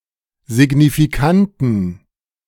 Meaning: inflection of signifikant: 1. strong genitive masculine/neuter singular 2. weak/mixed genitive/dative all-gender singular 3. strong/weak/mixed accusative masculine singular 4. strong dative plural
- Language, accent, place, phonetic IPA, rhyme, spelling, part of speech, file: German, Germany, Berlin, [zɪɡnifiˈkantn̩], -antn̩, signifikanten, adjective, De-signifikanten.ogg